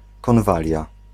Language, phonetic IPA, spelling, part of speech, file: Polish, [kɔ̃nˈvalʲja], konwalia, noun, Pl-konwalia.ogg